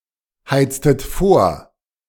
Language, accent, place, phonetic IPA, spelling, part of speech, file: German, Germany, Berlin, [ˌhaɪ̯t͡stət ˈfoːɐ̯], heiztet vor, verb, De-heiztet vor.ogg
- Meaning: inflection of vorheizen: 1. second-person plural preterite 2. second-person plural subjunctive II